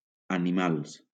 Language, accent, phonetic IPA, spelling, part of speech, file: Catalan, Valencia, [a.niˈmals], animals, adjective / noun, LL-Q7026 (cat)-animals.wav
- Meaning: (adjective) plural of animal